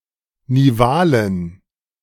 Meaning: inflection of nival: 1. strong genitive masculine/neuter singular 2. weak/mixed genitive/dative all-gender singular 3. strong/weak/mixed accusative masculine singular 4. strong dative plural
- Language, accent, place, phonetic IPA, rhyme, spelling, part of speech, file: German, Germany, Berlin, [niˈvaːlən], -aːlən, nivalen, adjective, De-nivalen.ogg